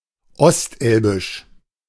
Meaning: on the east side of the Elbe; East Elbian
- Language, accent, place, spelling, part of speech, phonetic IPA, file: German, Germany, Berlin, ostelbisch, adjective, [ˈɔstˌʔɛlbɪʃ], De-ostelbisch.ogg